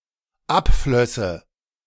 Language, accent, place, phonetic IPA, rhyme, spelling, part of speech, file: German, Germany, Berlin, [ˈapˌflœsə], -apflœsə, abflösse, verb, De-abflösse.ogg
- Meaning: first/third-person singular dependent subjunctive II of abfließen